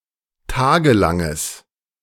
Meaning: strong/mixed nominative/accusative neuter singular of tagelang
- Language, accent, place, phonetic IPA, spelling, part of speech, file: German, Germany, Berlin, [ˈtaːɡəˌlaŋəs], tagelanges, adjective, De-tagelanges.ogg